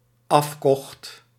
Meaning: singular dependent-clause past indicative of afkopen
- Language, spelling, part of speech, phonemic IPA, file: Dutch, afkocht, verb, /ˈɑf.kɔxt/, Nl-afkocht.ogg